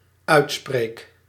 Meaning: first-person singular dependent-clause present indicative of uitspreken
- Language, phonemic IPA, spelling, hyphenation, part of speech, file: Dutch, /ˈœy̯tˌspreːk/, uitspreek, uit‧spreek, verb, Nl-uitspreek.ogg